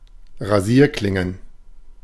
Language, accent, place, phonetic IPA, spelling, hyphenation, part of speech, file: German, Germany, Berlin, [ʁaˈziːɐ̯klɪŋən], Rasierklingen, Ra‧sier‧klin‧gen, noun, De-Rasierklingen.ogg
- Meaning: plural of Rasierklinge